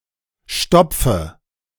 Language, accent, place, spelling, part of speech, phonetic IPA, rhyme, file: German, Germany, Berlin, stopfe, verb, [ˈʃtɔp͡fə], -ɔp͡fə, De-stopfe.ogg
- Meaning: inflection of stopfen: 1. first-person singular present 2. singular imperative 3. first/third-person singular subjunctive I